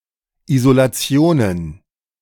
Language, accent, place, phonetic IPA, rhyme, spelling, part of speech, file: German, Germany, Berlin, [izolaˈt͡si̯oːnən], -oːnən, Isolationen, noun, De-Isolationen.ogg
- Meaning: plural of Isolation